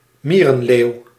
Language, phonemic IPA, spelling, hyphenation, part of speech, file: Dutch, /ˈmiː.rə(n)ˌleːu̯/, mierenleeuw, mie‧ren‧leeuw, noun, Nl-mierenleeuw.ogg
- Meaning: 1. antlion, any larve of the family Myrmeleontidae 2. larve of Myrmeleon formicarius